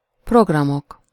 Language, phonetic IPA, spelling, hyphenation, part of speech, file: Hungarian, [ˈproɡrɒmok], programok, prog‧ra‧mok, noun, Hu-programok.ogg
- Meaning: nominative plural of program